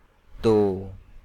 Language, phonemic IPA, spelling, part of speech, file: Hindi, /t̪oː/, तो, conjunction / interjection / particle, Hi-तो.ogg
- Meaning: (conjunction) then (in that case; at that time); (interjection) 1. well, so 2. so... 3. really, actually 4. just, at least 5. moreover, furthermore